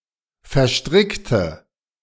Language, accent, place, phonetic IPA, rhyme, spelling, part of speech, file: German, Germany, Berlin, [fɛɐ̯ˈʃtʁɪktə], -ɪktə, verstrickte, adjective / verb, De-verstrickte.ogg
- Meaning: inflection of verstricken: 1. first/third-person singular preterite 2. first/third-person singular subjunctive II